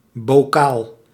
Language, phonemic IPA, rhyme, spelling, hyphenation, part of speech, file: Dutch, /boːˈkaːl/, -aːl, bokaal, bo‧kaal, noun, Nl-bokaal.ogg
- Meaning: 1. a glass jar for pickled vegetables etc 2. a goblet 3. a cup (trophy)